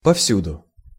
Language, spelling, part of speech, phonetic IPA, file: Russian, повсюду, adverb, [pɐfˈsʲudʊ], Ru-повсюду.ogg
- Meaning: everywhere, far and wide